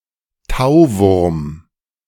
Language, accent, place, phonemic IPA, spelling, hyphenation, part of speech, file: German, Germany, Berlin, /ˈtaʊ̯ˌvʊrm/, Tauwurm, Tau‧wurm, noun, De-Tauwurm.ogg
- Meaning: nightcrawler (Lumbricus terrestris)